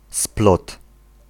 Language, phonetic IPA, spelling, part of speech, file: Polish, [splɔt], splot, noun, Pl-splot.ogg